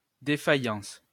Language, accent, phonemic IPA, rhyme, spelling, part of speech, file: French, France, /de.fa.jɑ̃s/, -ɑ̃s, défaillance, noun, LL-Q150 (fra)-défaillance.wav
- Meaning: 1. fainting spell; faintness; dizziness 2. weakness; failure